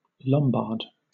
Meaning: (noun) 1. A member of a Germanic people who invaded Italy in the 6th century 2. A native or inhabitant of Lombardy, Italy 3. A banker or moneylender 4. A Lombard house
- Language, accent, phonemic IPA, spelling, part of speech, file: English, Southern England, /ˈlɒmbɑːd/, Lombard, noun / proper noun / adjective, LL-Q1860 (eng)-Lombard.wav